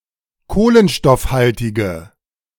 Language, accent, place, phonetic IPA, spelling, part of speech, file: German, Germany, Berlin, [ˈkoːlənʃtɔfˌhaltɪɡə], kohlenstoffhaltige, adjective, De-kohlenstoffhaltige.ogg
- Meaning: inflection of kohlenstoffhaltig: 1. strong/mixed nominative/accusative feminine singular 2. strong nominative/accusative plural 3. weak nominative all-gender singular